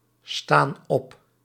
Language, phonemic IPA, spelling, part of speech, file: Dutch, /ˈstan ˈɔp/, staan op, verb, Nl-staan op.ogg
- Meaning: inflection of opstaan: 1. plural present indicative 2. plural present subjunctive